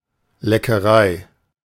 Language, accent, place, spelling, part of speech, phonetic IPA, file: German, Germany, Berlin, Leckerei, noun, [lɛkəˈʁaɪ̯], De-Leckerei.ogg
- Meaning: delicacy, delectable